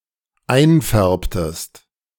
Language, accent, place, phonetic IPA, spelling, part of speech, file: German, Germany, Berlin, [ˈaɪ̯nˌfɛʁptəst], einfärbtest, verb, De-einfärbtest.ogg
- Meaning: inflection of einfärben: 1. second-person singular dependent preterite 2. second-person singular dependent subjunctive II